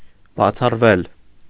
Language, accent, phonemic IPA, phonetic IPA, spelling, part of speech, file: Armenian, Eastern Armenian, /bɑt͡sʰɑrˈvel/, [bɑt͡sʰɑrvél], բացառվել, verb, Hy-բացառվել.ogg
- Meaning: mediopassive of բացառել (bacʻaṙel)